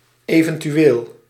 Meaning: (adverb) 1. possibly 2. occasionally; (adjective) 1. possible 2. occasional
- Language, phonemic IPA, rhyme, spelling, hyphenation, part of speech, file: Dutch, /ˌeː.və(n).tyˈeːl/, -eːl, eventueel, even‧tu‧eel, adverb / adjective, Nl-eventueel.ogg